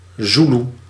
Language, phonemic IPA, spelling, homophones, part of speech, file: Dutch, /ˈzulu/, Zulu, Zoeloe, noun, Nl-Zulu.ogg
- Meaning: police helicopter